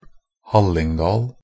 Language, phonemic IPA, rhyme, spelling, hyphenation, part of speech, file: Norwegian Bokmål, /ˈhalːɪŋdɑːl/, -ɑːl, Hallingdal, Hall‧ing‧dal, proper noun, Nb-hallingdal.ogg
- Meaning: Hallingdal (a valley and traditional district of Norway)